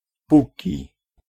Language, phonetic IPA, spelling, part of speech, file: Polish, [ˈpuci], póki, conjunction, Pl-póki.ogg